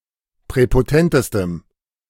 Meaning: strong dative masculine/neuter singular superlative degree of präpotent
- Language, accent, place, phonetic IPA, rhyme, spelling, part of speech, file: German, Germany, Berlin, [pʁɛpoˈtɛntəstəm], -ɛntəstəm, präpotentestem, adjective, De-präpotentestem.ogg